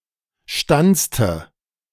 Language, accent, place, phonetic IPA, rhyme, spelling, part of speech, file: German, Germany, Berlin, [ˈʃtant͡stə], -ant͡stə, stanzte, verb, De-stanzte.ogg
- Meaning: inflection of stanzen: 1. first/third-person singular preterite 2. first/third-person singular subjunctive II